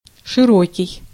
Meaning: 1. wide, broad 2. broad, extensive 3. generous
- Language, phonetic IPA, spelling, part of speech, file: Russian, [ʂɨˈrokʲɪj], широкий, adjective, Ru-широкий.ogg